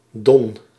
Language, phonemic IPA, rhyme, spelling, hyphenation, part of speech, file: Dutch, /dɔn/, -ɔn, Don, Don, proper noun, Nl-Don.ogg
- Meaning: Don (a river, the fifth-longest in Europe, in Tula, Lipetsk, Voronezh, Volgograd and Rostov Oblasts, Russia, flowing 1160 miles to the Sea of Azov)